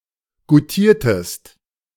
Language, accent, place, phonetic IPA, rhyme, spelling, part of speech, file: German, Germany, Berlin, [ɡuˈtiːɐ̯təst], -iːɐ̯təst, goutiertest, verb, De-goutiertest.ogg
- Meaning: inflection of goutieren: 1. second-person singular preterite 2. second-person singular subjunctive II